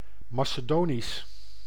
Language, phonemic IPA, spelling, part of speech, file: Dutch, /mɑsəˈdoːnis/, Macedonisch, adjective / proper noun, Nl-Macedonisch.ogg
- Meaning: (adjective) Macedonian; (proper noun) Macedonian language